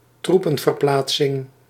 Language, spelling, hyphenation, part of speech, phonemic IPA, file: Dutch, troepenverplaatsing, troe‧pen‧ver‧plaat‧sing, noun, /ˈtru.pə(n).vərˌplaːt.sɪŋ/, Nl-troepenverplaatsing.ogg
- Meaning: troop movement, in particular by means of transport as opposed to marching